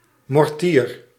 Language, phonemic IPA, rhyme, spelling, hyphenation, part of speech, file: Dutch, /mɔrˈtiːr/, -iːr, mortier, mor‧tier, noun, Nl-mortier.ogg
- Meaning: 1. mortar (cannon with near-vertical orientation) 2. mortar (bowl for grinding and crushing) 3. fireworks shell